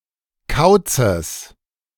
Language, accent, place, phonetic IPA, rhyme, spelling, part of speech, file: German, Germany, Berlin, [ˈkaʊ̯t͡səs], -aʊ̯t͡səs, Kauzes, noun, De-Kauzes.ogg
- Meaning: genitive singular of Kauz